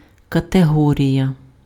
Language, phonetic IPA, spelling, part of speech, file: Ukrainian, [kɐteˈɦɔrʲijɐ], категорія, noun, Uk-категорія.ogg
- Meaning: category